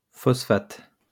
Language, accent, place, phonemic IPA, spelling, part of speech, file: French, France, Lyon, /fɔs.fat/, phosphate, noun, LL-Q150 (fra)-phosphate.wav
- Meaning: phosphate